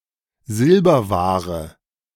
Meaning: silverware
- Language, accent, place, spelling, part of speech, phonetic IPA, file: German, Germany, Berlin, Silberware, noun, [ˈzɪlbɐˌvaːʁə], De-Silberware.ogg